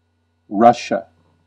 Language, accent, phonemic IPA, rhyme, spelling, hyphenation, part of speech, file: English, US, /ˈɹʌʃə/, -ʌʃə, Russia, Rus‧sia, proper noun / noun, En-us-Russia.ogg